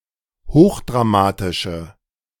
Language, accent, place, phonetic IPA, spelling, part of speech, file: German, Germany, Berlin, [ˈhoːxdʁaˌmaːtɪʃə], hochdramatische, adjective, De-hochdramatische.ogg
- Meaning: inflection of hochdramatisch: 1. strong/mixed nominative/accusative feminine singular 2. strong nominative/accusative plural 3. weak nominative all-gender singular